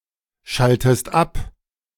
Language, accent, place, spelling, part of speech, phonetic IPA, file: German, Germany, Berlin, schaltest ab, verb, [ˌʃaltəst ˈap], De-schaltest ab.ogg
- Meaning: inflection of abschalten: 1. second-person singular present 2. second-person singular subjunctive I